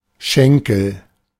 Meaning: 1. each of the two main parts of a leg; shank (lower part) or thigh (upper part) 2. each of the two straight lines that meet in an angle
- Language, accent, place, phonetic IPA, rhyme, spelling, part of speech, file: German, Germany, Berlin, [ˈʃɛŋkl̩], -ɛŋkl̩, Schenkel, noun, De-Schenkel.ogg